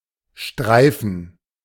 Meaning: 1. [auxiliary haben] to brush, to graze, to stroke 2. [auxiliary sein] to wander, to roam
- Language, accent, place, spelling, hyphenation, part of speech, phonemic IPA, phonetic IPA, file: German, Germany, Berlin, streifen, strei‧fen, verb, /ˈʃtʁaɪ̯fən/, [ˈʃtʁaɪ̯fn̩], De-streifen.ogg